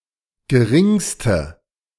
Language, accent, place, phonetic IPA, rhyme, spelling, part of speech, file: German, Germany, Berlin, [ɡəˈʁɪŋstə], -ɪŋstə, geringste, adjective, De-geringste.ogg
- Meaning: inflection of gering: 1. strong/mixed nominative/accusative feminine singular superlative degree 2. strong nominative/accusative plural superlative degree